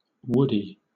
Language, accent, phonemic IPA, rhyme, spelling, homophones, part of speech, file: English, Southern England, /ˈwʊdi/, -ʊdi, woody, woodie, adjective / noun, LL-Q1860 (eng)-woody.wav
- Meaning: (adjective) 1. Covered in woods; wooded 2. Consisting of wood; resembling wood in appearance or texture 3. Belonging to the woods; sylvan 4. Non-herbaceous 5. Lignified